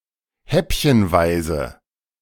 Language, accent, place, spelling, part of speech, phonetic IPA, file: German, Germany, Berlin, häppchenweise, adverb, [ˈhɛpçənˌvaɪ̯zə], De-häppchenweise.ogg
- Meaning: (adjective) piecemeal; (adverb) bit by bit, in small bits, in a piecemeal fashion